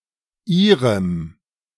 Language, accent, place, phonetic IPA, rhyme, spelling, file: German, Germany, Berlin, [ˈiːʁəm], -iːʁəm, Ihrem, De-Ihrem.ogg
- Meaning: dative masculine/neuter singular of Ihr